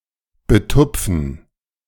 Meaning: to dab
- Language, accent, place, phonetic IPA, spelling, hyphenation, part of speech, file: German, Germany, Berlin, [bəˈtʊpfn̩], betupfen, be‧tup‧fen, verb, De-betupfen.ogg